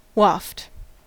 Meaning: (verb) 1. To (cause to) float easily or gently through the air 2. To be moved, or to pass, on a buoyant medium; to float 3. To give notice to by waving something; to wave the hand to; to beckon
- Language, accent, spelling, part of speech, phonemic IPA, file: English, US, waft, verb / noun, /wæft/, En-us-waft.ogg